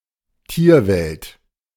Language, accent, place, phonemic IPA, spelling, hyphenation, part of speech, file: German, Germany, Berlin, /ˈtiːɐ̯ˌvɛlt/, Tierwelt, Tier‧welt, noun, De-Tierwelt.ogg
- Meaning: animal kingdom